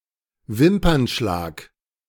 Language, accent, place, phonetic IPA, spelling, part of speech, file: German, Germany, Berlin, [ˈvɪmpɐnˌʃlaːk], Wimpernschlag, noun, De-Wimpernschlag.ogg
- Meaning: blink of an eye, eyeblink